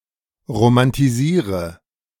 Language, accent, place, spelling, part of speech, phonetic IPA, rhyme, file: German, Germany, Berlin, romantisiere, verb, [ʁomantiˈziːʁə], -iːʁə, De-romantisiere.ogg
- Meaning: inflection of romantisieren: 1. first-person singular present 2. singular imperative 3. first/third-person singular subjunctive I